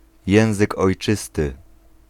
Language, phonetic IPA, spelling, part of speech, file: Polish, [ˈjɛ̃w̃zɨk ɔjˈt͡ʃɨstɨ], język ojczysty, noun, Pl-język ojczysty.ogg